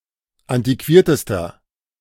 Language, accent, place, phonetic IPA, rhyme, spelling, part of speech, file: German, Germany, Berlin, [ˌantiˈkviːɐ̯təstɐ], -iːɐ̯təstɐ, antiquiertester, adjective, De-antiquiertester.ogg
- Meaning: inflection of antiquiert: 1. strong/mixed nominative masculine singular superlative degree 2. strong genitive/dative feminine singular superlative degree 3. strong genitive plural superlative degree